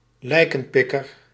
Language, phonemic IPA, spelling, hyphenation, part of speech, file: Dutch, /ˈlɛi̯.kə(n)ˌpɪ.kər/, lijkenpikker, lij‧ken‧pik‧ker, noun, Nl-lijkenpikker.ogg
- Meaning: 1. someone who benefits from others' misery 2. someone who makes a living from funerals or tending to the dead in any other way